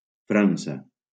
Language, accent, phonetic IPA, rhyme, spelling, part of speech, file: Catalan, Valencia, [ˈfɾan.sa], -ansa, França, proper noun, LL-Q7026 (cat)-França.wav
- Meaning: France (a country located primarily in Western Europe)